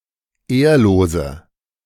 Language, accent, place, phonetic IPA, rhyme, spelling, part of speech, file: German, Germany, Berlin, [ˈeːɐ̯loːzə], -eːɐ̯loːzə, ehrlose, adjective, De-ehrlose.ogg
- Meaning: inflection of ehrlos: 1. strong/mixed nominative/accusative feminine singular 2. strong nominative/accusative plural 3. weak nominative all-gender singular 4. weak accusative feminine/neuter singular